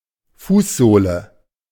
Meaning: the sole of the foot
- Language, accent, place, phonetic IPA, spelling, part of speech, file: German, Germany, Berlin, [ˈfuːsˌzoːlə], Fußsohle, noun, De-Fußsohle.ogg